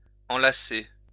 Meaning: 1. to wrap around, to embrace 2. to wrap around each other, to intertwine
- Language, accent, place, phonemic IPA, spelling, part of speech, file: French, France, Lyon, /ɑ̃.la.se/, enlacer, verb, LL-Q150 (fra)-enlacer.wav